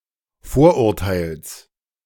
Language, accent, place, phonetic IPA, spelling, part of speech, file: German, Germany, Berlin, [ˈfoːɐ̯ʔʊʁˌtaɪ̯ls], Vorurteils, noun, De-Vorurteils.ogg
- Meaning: genitive singular of Vorurteil